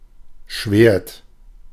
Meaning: 1. sword 2. blade (of a chainsaw etc.) 3. dorsal fin (of certain kinds of whales)
- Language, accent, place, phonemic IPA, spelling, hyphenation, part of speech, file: German, Germany, Berlin, /ʃveːrt/, Schwert, Schwert, noun, De-Schwert.ogg